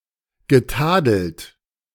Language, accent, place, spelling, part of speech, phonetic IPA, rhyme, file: German, Germany, Berlin, getadelt, verb, [ɡəˈtaːdl̩t], -aːdl̩t, De-getadelt.ogg
- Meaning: past participle of tadeln